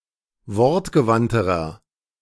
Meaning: inflection of wortgewandt: 1. strong/mixed nominative masculine singular comparative degree 2. strong genitive/dative feminine singular comparative degree 3. strong genitive plural comparative degree
- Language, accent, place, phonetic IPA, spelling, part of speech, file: German, Germany, Berlin, [ˈvɔʁtɡəˌvantəʁɐ], wortgewandterer, adjective, De-wortgewandterer.ogg